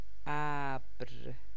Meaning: 1. cloud 2. a branch of Persian miniature 3. sponge (a piece of porous material used for washing)
- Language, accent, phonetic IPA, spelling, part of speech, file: Persian, Iran, [ʔæbɹ], ابر, noun, Fa-ابر.ogg